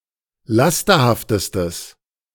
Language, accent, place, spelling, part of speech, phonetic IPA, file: German, Germany, Berlin, lasterhaftestes, adjective, [ˈlastɐhaftəstəs], De-lasterhaftestes.ogg
- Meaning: strong/mixed nominative/accusative neuter singular superlative degree of lasterhaft